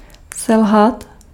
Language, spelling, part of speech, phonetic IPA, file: Czech, selhat, verb, [ˈsɛlɦat], Cs-selhat.ogg
- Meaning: to fail